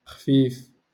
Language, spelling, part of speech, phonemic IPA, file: Moroccan Arabic, خفيف, adjective, /xfiːf/, LL-Q56426 (ary)-خفيف.wav
- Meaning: 1. light (in weight) 2. agile